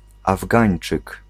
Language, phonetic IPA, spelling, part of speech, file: Polish, [avˈɡãj̃n͇t͡ʃɨk], Afgańczyk, noun, Pl-Afgańczyk.ogg